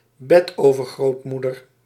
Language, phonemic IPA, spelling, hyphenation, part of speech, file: Dutch, /ˈbɛ.toː.vər.ɣroːtˌmu.dər/, betovergrootmoeder, be‧tover‧groot‧moe‧der, noun, Nl-betovergrootmoeder.ogg
- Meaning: great-great-grandmother